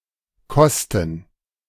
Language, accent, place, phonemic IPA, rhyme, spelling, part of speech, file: German, Germany, Berlin, /ˈkɔstn̩/, -ɔstn̩, Kosten, noun, De-Kosten.ogg
- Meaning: costs